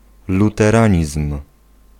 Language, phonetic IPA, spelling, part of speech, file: Polish, [ˌlutɛˈrãɲism̥], luteranizm, noun, Pl-luteranizm.ogg